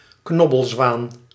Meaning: mute swan (Cygnus olor)
- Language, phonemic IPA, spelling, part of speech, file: Dutch, /ˈknɔ.bəlˌzʋaːn/, knobbelzwaan, noun, Nl-knobbelzwaan.ogg